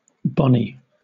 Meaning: A female given name from English
- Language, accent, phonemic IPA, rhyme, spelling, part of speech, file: English, Southern England, /ˈbɒni/, -ɒni, Bonnie, proper noun, LL-Q1860 (eng)-Bonnie.wav